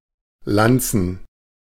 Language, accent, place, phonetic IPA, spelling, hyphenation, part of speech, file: German, Germany, Berlin, [ˈlant͡sn̩], Lanzen, Lan‧zen, noun, De-Lanzen.ogg
- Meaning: plural of Lanze